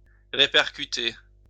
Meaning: 1. of sound 2. of light 3. figurative senses
- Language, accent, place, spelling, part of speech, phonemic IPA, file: French, France, Lyon, répercuter, verb, /ʁe.pɛʁ.ky.te/, LL-Q150 (fra)-répercuter.wav